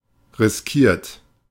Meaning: 1. past participle of riskieren 2. inflection of riskieren: second-person plural present 3. inflection of riskieren: third-person singular present 4. inflection of riskieren: plural imperative
- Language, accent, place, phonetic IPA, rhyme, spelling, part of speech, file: German, Germany, Berlin, [ʁɪsˈkiːɐ̯t], -iːɐ̯t, riskiert, verb, De-riskiert.ogg